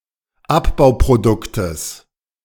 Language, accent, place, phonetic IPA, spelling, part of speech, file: German, Germany, Berlin, [ˈapbaʊ̯pʁoˌdʊktəs], Abbauproduktes, noun, De-Abbauproduktes.ogg
- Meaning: genitive singular of Abbauprodukt